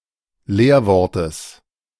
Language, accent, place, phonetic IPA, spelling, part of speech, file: German, Germany, Berlin, [ˈleːɐ̯ˌvɔʁtəs], Leerwortes, noun, De-Leerwortes.ogg
- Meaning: genitive singular of Leerwort